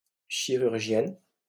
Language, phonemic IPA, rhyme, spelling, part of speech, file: French, /ʃi.ʁyʁ.ʒjɛn/, -ɛn, chirurgienne, noun, LL-Q150 (fra)-chirurgienne.wav
- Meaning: female equivalent of chirurgien